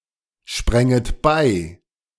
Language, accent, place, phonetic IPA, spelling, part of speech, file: German, Germany, Berlin, [ˌʃpʁɛŋət ˈbaɪ̯], spränget bei, verb, De-spränget bei.ogg
- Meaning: second-person plural subjunctive II of beispringen